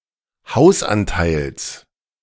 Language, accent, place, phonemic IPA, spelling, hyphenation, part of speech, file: German, Germany, Berlin, /ˈhaʊ̯sˌʔantaɪ̯ls/, Hausanteils, Haus‧an‧teils, noun, De-Hausanteils.ogg
- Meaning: genitive singular of Hausanteil